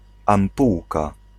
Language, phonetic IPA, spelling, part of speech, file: Polish, [ãmˈpuwka], ampułka, noun, Pl-ampułka.ogg